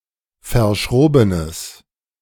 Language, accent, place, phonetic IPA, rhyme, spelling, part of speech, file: German, Germany, Berlin, [fɐˈʃʁoːbənəs], -oːbənəs, verschrobenes, adjective, De-verschrobenes.ogg
- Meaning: strong/mixed nominative/accusative neuter singular of verschroben